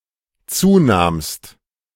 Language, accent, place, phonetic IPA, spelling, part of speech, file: German, Germany, Berlin, [ˈt͡suːˌnaːmst], zunahmst, verb, De-zunahmst.ogg
- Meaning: second-person singular dependent preterite of zunehmen